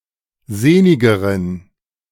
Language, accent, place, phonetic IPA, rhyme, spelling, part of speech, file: German, Germany, Berlin, [ˈzeːnɪɡəʁən], -eːnɪɡəʁən, sehnigeren, adjective, De-sehnigeren.ogg
- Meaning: inflection of sehnig: 1. strong genitive masculine/neuter singular comparative degree 2. weak/mixed genitive/dative all-gender singular comparative degree